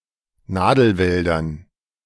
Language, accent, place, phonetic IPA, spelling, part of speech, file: German, Germany, Berlin, [ˈnaːdl̩ˌvɛldɐn], Nadelwäldern, noun, De-Nadelwäldern.ogg
- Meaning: dative plural of Nadelwald